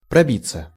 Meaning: 1. to fight/force/make one's way through, to break/win/strike through 2. to shoot, to show, to push up (of plants) 3. passive of проби́ть (probítʹ)
- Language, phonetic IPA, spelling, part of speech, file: Russian, [prɐˈbʲit͡sːə], пробиться, verb, Ru-пробиться.ogg